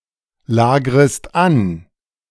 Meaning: second-person singular subjunctive I of anlagern
- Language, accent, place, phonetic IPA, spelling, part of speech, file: German, Germany, Berlin, [ˌlaːɡʁəst ˈan], lagrest an, verb, De-lagrest an.ogg